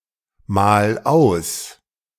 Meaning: 1. singular imperative of ausmalen 2. first-person singular present of ausmalen
- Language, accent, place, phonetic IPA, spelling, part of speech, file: German, Germany, Berlin, [ˌmaːl ˈaʊ̯s], mal aus, verb, De-mal aus.ogg